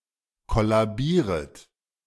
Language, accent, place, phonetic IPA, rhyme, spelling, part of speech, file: German, Germany, Berlin, [ˌkɔlaˈbiːʁət], -iːʁət, kollabieret, verb, De-kollabieret.ogg
- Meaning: second-person plural subjunctive I of kollabieren